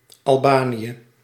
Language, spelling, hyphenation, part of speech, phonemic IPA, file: Dutch, Albanië, Al‧ba‧nië, proper noun, /ɑlˈbaː.ni.(j)ə/, Nl-Albanië.ogg
- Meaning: Albania (a country in Southeastern Europe)